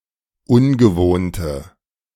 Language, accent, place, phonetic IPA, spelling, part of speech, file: German, Germany, Berlin, [ˈʊnɡəˌvoːntə], ungewohnte, adjective, De-ungewohnte.ogg
- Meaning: inflection of ungewohnt: 1. strong/mixed nominative/accusative feminine singular 2. strong nominative/accusative plural 3. weak nominative all-gender singular